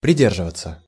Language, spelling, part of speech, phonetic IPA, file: Russian, придерживаться, verb, [prʲɪˈdʲerʐɨvət͡sə], Ru-придерживаться.ogg
- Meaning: 1. to hold (to), to keep (to) 2. to stick, to adhere 3. passive of приде́рживать (pridérživatʹ)